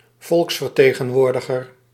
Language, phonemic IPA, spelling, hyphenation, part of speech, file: Dutch, /ˈvɔlks.fər.teː.ɣə(n)ˌʋoːr.də.ɣər/, volksvertegenwoordiger, volks‧ver‧te‧gen‧woor‧di‧ger, noun, Nl-volksvertegenwoordiger.ogg
- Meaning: representative of the people, somebody who has been elected to serve in an assembly